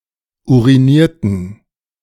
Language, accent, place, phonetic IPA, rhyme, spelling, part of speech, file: German, Germany, Berlin, [ˌuʁiˈniːɐ̯tn̩], -iːɐ̯tn̩, urinierten, verb, De-urinierten.ogg
- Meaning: inflection of urinieren: 1. first/third-person plural preterite 2. first/third-person plural subjunctive II